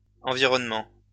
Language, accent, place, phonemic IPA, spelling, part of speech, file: French, France, Lyon, /ɑ̃.vi.ʁɔn.mɑ̃/, environnements, noun, LL-Q150 (fra)-environnements.wav
- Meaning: plural of environnement